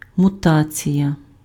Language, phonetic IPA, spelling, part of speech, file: Ukrainian, [mʊˈtat͡sʲijɐ], мутація, noun, Uk-мутація.ogg
- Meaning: mutation